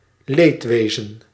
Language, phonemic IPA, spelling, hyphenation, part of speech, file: Dutch, /ˈleːtˌʋeː.zə(n)/, leedwezen, leed‧we‧zen, noun, Nl-leedwezen.ogg
- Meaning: 1. condolence, pity, sympathy 2. sadness, grief 3. regret, remorse